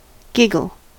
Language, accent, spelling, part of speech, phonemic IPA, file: English, US, giggle, verb / noun, /ˈɡɪɡl̩/, En-us-giggle.ogg
- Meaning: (verb) To laugh gently in a playful, nervous, or affected manner; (noun) 1. A high-pitched, silly laugh 2. Fun; an amusing episode